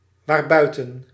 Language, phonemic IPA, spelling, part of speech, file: Dutch, /ˈʋarbœytə(n)/, waarbuiten, adverb, Nl-waarbuiten.ogg
- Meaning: pronominal adverb form of buiten + wat